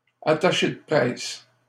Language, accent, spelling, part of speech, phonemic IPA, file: French, Canada, attaché de presse, noun, /a.ta.ʃe də pʁɛs/, LL-Q150 (fra)-attaché de presse.wav
- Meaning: press secretary, press officer, press attaché